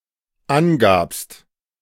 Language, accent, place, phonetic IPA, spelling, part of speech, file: German, Germany, Berlin, [ˈanˌɡaːpst], angabst, verb, De-angabst.ogg
- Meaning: second-person singular dependent preterite of angeben